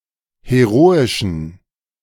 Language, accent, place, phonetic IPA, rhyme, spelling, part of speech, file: German, Germany, Berlin, [heˈʁoːɪʃn̩], -oːɪʃn̩, heroischen, adjective, De-heroischen.ogg
- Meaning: inflection of heroisch: 1. strong genitive masculine/neuter singular 2. weak/mixed genitive/dative all-gender singular 3. strong/weak/mixed accusative masculine singular 4. strong dative plural